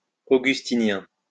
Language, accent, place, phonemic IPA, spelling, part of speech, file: French, France, Lyon, /o.ɡys.ti.njɛ̃/, augustinien, adjective, LL-Q150 (fra)-augustinien.wav
- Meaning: Augustinian